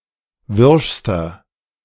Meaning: inflection of wirsch: 1. strong/mixed nominative masculine singular superlative degree 2. strong genitive/dative feminine singular superlative degree 3. strong genitive plural superlative degree
- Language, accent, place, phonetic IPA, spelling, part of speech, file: German, Germany, Berlin, [ˈvɪʁʃstɐ], wirschster, adjective, De-wirschster.ogg